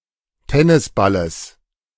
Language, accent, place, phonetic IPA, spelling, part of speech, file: German, Germany, Berlin, [ˈtɛnɪsˌbaləs], Tennisballes, noun, De-Tennisballes.ogg
- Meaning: genitive singular of Tennisball